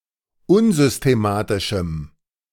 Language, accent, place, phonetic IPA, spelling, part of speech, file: German, Germany, Berlin, [ˈʊnzʏsteˌmaːtɪʃm̩], unsystematischem, adjective, De-unsystematischem.ogg
- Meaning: strong dative masculine/neuter singular of unsystematisch